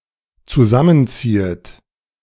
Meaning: second-person plural dependent subjunctive I of zusammenziehen
- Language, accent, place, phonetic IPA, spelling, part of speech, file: German, Germany, Berlin, [t͡suˈzamənˌt͡siːət], zusammenziehet, verb, De-zusammenziehet.ogg